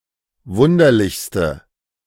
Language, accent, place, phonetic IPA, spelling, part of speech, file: German, Germany, Berlin, [ˈvʊndɐlɪçstə], wunderlichste, adjective, De-wunderlichste.ogg
- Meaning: inflection of wunderlich: 1. strong/mixed nominative/accusative feminine singular superlative degree 2. strong nominative/accusative plural superlative degree